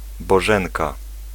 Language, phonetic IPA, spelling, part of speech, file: Polish, [bɔˈʒɛ̃ŋka], Bożenka, proper noun, Pl-Bożenka.ogg